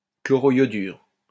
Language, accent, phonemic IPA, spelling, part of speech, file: French, France, /klɔ.ʁɔ.jɔ.dyʁ/, chloroiodure, noun, LL-Q150 (fra)-chloroiodure.wav
- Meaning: chloroiodide